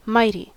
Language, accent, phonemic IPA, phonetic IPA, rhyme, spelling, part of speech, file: English, US, /ˈmaɪti/, [ˈmʌɪɾi], -aɪti, mighty, noun / adjective / adverb, En-us-mighty.ogg
- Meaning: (noun) A warrior of great strength and courage; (adjective) 1. Very strong; possessing might 2. Very heavy and powerful 3. Very large; hefty 4. Accomplished by might; hence, extraordinary; wonderful